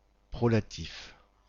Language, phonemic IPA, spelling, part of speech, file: French, /pʁɔ.la.tif/, prolatif, noun, Prolatif-FR.ogg
- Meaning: the prolative case